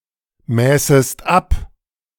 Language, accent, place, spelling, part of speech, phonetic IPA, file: German, Germany, Berlin, mäßest ab, verb, [ˌmɛːsəst ˈap], De-mäßest ab.ogg
- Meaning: second-person singular subjunctive II of abmessen